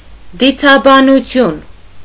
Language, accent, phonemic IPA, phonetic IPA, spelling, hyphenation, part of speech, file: Armenian, Eastern Armenian, /dit͡sʰɑbɑnuˈtʰjun/, [dit͡sʰɑbɑnut͡sʰjún], դիցաբանություն, դի‧ցա‧բա‧նու‧թյուն, noun, Hy-դիցաբանություն.ogg
- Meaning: mythology